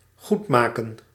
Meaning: 1. expiate, to redress (to make amends) 2. atone, to make good (to make reparation, compensation, or amends, for an offence or a crime)
- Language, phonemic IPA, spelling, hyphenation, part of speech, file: Dutch, /ˈɣutmakə(n)/, goedmaken, goed‧mak‧en, verb, Nl-goedmaken.ogg